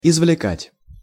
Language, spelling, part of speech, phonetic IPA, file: Russian, извлекать, verb, [ɪzvlʲɪˈkatʲ], Ru-извлекать.ogg
- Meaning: to extract, to elicit, to draw out